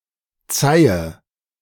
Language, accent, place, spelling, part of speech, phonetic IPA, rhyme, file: German, Germany, Berlin, zeihe, verb, [ˈt͡saɪ̯ə], -aɪ̯ə, De-zeihe.ogg
- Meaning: inflection of zeihen: 1. first-person singular present 2. first/third-person singular subjunctive I 3. singular imperative